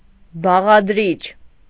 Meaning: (noun) component; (adjective) constituent
- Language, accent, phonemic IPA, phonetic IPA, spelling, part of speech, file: Armenian, Eastern Armenian, /bɑʁɑdˈɾit͡ʃʰ/, [bɑʁɑdɾít͡ʃʰ], բաղադրիչ, noun / adjective, Hy-բաղադրիչ.ogg